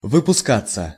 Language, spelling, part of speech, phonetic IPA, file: Russian, выпускаться, verb, [vɨpʊˈskat͡sːə], Ru-выпускаться.ogg
- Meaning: 1. to be exposed, to stick out 2. to be produced 3. to be published 4. passive of выпуска́ть (vypuskátʹ)